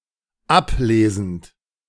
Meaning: present participle of ablesen
- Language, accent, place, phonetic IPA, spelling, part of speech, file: German, Germany, Berlin, [ˈapˌleːzn̩t], ablesend, verb, De-ablesend.ogg